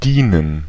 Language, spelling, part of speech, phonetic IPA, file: German, dienen, verb, [ˈdiːnən], De-dienen.ogg
- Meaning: 1. to serve 2. to serve, to be a servant (e.g. a butler or maid) 3. to assist, to be of assistance 4. to serve (as), to double (as), to act as a replacement (for)